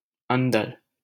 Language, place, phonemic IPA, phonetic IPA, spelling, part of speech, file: Hindi, Delhi, /ən.d̪əɾ/, [ɐ̃n̪.d̪ɐɾ], अंदर, adverb, LL-Q1568 (hin)-अंदर.wav
- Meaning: inside, within, in